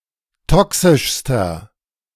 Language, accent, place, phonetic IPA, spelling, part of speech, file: German, Germany, Berlin, [ˈtɔksɪʃstɐ], toxischster, adjective, De-toxischster.ogg
- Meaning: inflection of toxisch: 1. strong/mixed nominative masculine singular superlative degree 2. strong genitive/dative feminine singular superlative degree 3. strong genitive plural superlative degree